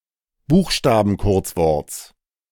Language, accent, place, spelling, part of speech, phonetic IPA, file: German, Germany, Berlin, Buchstabenkurzworts, noun, [ˈbuːxʃtaːbn̩ˌkʊʁt͡svɔʁt͡s], De-Buchstabenkurzworts.ogg
- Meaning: genitive singular of Buchstabenkurzwort